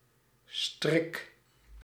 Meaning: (noun) 1. tie, knot 2. bow (type of knot) 3. snare 4. tangle (in one's hair); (verb) inflection of strikken: 1. first-person singular present indicative 2. second-person singular present indicative
- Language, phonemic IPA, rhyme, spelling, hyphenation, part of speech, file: Dutch, /strɪk/, -ɪk, strik, strik, noun / verb, Nl-strik.ogg